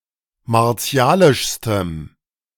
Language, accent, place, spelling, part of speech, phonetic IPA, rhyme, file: German, Germany, Berlin, martialischstem, adjective, [maʁˈt͡si̯aːlɪʃstəm], -aːlɪʃstəm, De-martialischstem.ogg
- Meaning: strong dative masculine/neuter singular superlative degree of martialisch